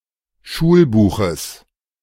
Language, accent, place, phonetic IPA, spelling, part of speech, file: German, Germany, Berlin, [ˈʃuːlˌbuːxəs], Schulbuches, noun, De-Schulbuches.ogg
- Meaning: genitive singular of Schulbuch